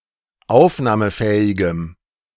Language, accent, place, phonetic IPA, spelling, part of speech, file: German, Germany, Berlin, [ˈaʊ̯fnaːməˌfɛːɪɡəm], aufnahmefähigem, adjective, De-aufnahmefähigem.ogg
- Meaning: strong dative masculine/neuter singular of aufnahmefähig